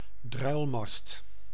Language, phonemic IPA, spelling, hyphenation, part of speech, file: Dutch, /ˈdrœy̯l.mɑst/, druilmast, druil‧mast, noun, Nl-druilmast.ogg
- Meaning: the second mast on a ship with two masts when the first mast is taller